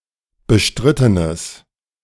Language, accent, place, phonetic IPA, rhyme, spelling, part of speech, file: German, Germany, Berlin, [bəˈʃtʁɪtənəs], -ɪtənəs, bestrittenes, adjective, De-bestrittenes.ogg
- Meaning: strong/mixed nominative/accusative neuter singular of bestritten